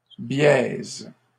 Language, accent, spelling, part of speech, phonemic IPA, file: French, Canada, biaise, adjective / verb, /bjɛz/, LL-Q150 (fra)-biaise.wav
- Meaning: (adjective) feminine singular of biais; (verb) second-person singular present indicative/subjunctive of biaiser